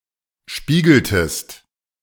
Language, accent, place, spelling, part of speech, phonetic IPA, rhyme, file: German, Germany, Berlin, spiegeltest, verb, [ˈʃpiːɡl̩təst], -iːɡl̩təst, De-spiegeltest.ogg
- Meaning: inflection of spiegeln: 1. second-person singular preterite 2. second-person singular subjunctive II